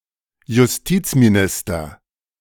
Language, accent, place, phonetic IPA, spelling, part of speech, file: German, Germany, Berlin, [jʊsˈtiːt͡smiˌnɪstɐ], Justizminister, noun, De-Justizminister.ogg
- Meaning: justice minister, minister of justice